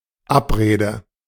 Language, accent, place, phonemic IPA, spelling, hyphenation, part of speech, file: German, Germany, Berlin, /ˈʔapʁeːdə/, Abrede, Ab‧re‧de, noun, De-Abrede.ogg
- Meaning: agreement